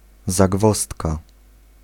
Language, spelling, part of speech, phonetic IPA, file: Polish, zagwozdka, noun, [zaˈɡvɔstka], Pl-zagwozdka.ogg